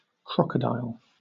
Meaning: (noun) Any of the predatory amphibious reptiles of the family Crocodylidae; (loosely) a crocodilian, any species of the order Crocodilia, which also includes the alligators, caimans and gavials
- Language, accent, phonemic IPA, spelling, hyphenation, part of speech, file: English, Southern England, /ˈkɹɒkədaɪl/, crocodile, croc‧o‧dile, noun / verb, LL-Q1860 (eng)-crocodile.wav